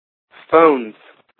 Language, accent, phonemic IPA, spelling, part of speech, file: English, US, /foʊnz/, phones, noun / verb, En-us-phones.ogg
- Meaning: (noun) 1. plural of phone 2. headphones; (verb) third-person singular simple present indicative of phone